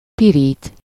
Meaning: 1. to burn, tan 2. to fry, brown 3. to toast
- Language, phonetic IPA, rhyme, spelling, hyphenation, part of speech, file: Hungarian, [ˈpiriːt], -iːt, pirít, pi‧rít, verb, Hu-pirít.ogg